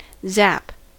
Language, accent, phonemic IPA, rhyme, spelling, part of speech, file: English, US, /zæp/, -æp, zap, noun / verb / interjection, En-us-zap.ogg
- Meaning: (noun) 1. A sound made by a sudden release of electricity or some similar energy 2. An electric shock